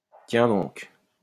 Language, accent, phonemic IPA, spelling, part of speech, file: French, France, /tjɛ̃ dɔ̃k/, tiens donc, interjection, LL-Q150 (fra)-tiens donc.wav
- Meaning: oh really? well, well, well! well, well!